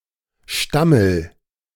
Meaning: inflection of stammeln: 1. first-person singular present 2. singular imperative
- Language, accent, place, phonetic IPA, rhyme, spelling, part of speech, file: German, Germany, Berlin, [ˈʃtaml̩], -aml̩, stammel, verb, De-stammel.ogg